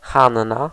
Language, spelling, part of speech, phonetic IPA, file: Polish, Hanna, proper noun, [ˈxãnːa], Pl-Hanna.ogg